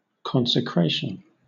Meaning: The act or ceremony of consecrating; the state of being consecrated; dedication
- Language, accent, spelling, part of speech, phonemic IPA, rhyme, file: English, Southern England, consecration, noun, /ˌkɒnsɪˈkɹeɪʃən/, -eɪʃən, LL-Q1860 (eng)-consecration.wav